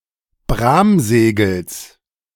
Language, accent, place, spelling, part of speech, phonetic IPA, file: German, Germany, Berlin, Bramsegels, noun, [ˈbʁaːmˌz̥eːɡl̩s], De-Bramsegels.ogg
- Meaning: genitive singular of Bramsegel